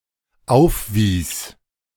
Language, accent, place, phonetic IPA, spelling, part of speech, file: German, Germany, Berlin, [ˈaʊ̯fˌviːs], aufwies, verb, De-aufwies.ogg
- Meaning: first/third-person singular dependent preterite of aufweisen